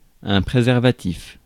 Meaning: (adjective) preservative (tending to preserve); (noun) 1. preserver 2. condom
- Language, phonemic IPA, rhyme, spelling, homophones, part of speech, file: French, /pʁe.zɛʁ.va.tif/, -if, préservatif, préservatifs, adjective / noun, Fr-préservatif.ogg